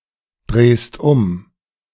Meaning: second-person singular present of umdrehen
- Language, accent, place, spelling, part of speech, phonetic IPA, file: German, Germany, Berlin, drehst um, verb, [ˌdʁeːst ˈʊm], De-drehst um.ogg